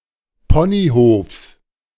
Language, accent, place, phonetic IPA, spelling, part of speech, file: German, Germany, Berlin, [ˈpɔniˌhoːfs], Ponyhofs, noun, De-Ponyhofs.ogg
- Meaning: genitive singular of Ponyhof